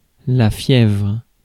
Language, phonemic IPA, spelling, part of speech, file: French, /fjɛvʁ/, fièvre, noun, Fr-fièvre.ogg
- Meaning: fever